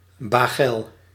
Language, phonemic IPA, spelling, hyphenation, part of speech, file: Dutch, /ˈbeː.ɡəl/, bagel, ba‧gel, noun, Nl-bagel.ogg
- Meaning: 1. bagel (ring-shaped pastry) 2. dredged peat (also: baggel)